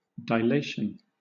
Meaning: 1. The act of dilating 2. State of being dilated; expansion; dilatation 3. Delay
- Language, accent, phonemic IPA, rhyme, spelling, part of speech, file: English, Southern England, /daɪˈleɪʃən/, -eɪʃən, dilation, noun, LL-Q1860 (eng)-dilation.wav